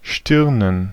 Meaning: 1. plural of Stirn 2. plural of Stirne
- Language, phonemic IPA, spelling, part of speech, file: German, /ˈʃtɪʁnən/, Stirnen, noun, De-Stirnen.ogg